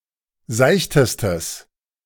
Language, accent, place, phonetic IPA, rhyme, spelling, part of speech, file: German, Germany, Berlin, [ˈzaɪ̯çtəstəs], -aɪ̯çtəstəs, seichtestes, adjective, De-seichtestes.ogg
- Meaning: strong/mixed nominative/accusative neuter singular superlative degree of seicht